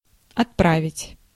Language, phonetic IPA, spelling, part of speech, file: Russian, [ɐtˈpravʲɪtʲ], отправить, verb, Ru-отправить.ogg
- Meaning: to send, to dispatch, to forward